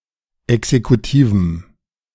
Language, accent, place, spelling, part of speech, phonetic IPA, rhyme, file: German, Germany, Berlin, exekutivem, adjective, [ɛksekuˈtiːvm̩], -iːvm̩, De-exekutivem.ogg
- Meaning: strong dative masculine/neuter singular of exekutiv